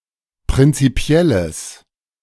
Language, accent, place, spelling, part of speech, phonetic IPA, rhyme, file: German, Germany, Berlin, prinzipielles, adjective, [pʁɪnt͡siˈpi̯ɛləs], -ɛləs, De-prinzipielles.ogg
- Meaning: strong/mixed nominative/accusative neuter singular of prinzipiell